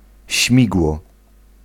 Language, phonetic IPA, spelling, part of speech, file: Polish, [ˈɕmʲiɡwɔ], śmigło, noun, Pl-śmigło.ogg